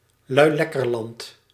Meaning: Cockaigne
- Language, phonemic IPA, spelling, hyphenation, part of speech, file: Dutch, /lœy̯ˈlɛ.kərˌlɑnt/, Luilekkerland, Lui‧lek‧ker‧land, proper noun, Nl-Luilekkerland.ogg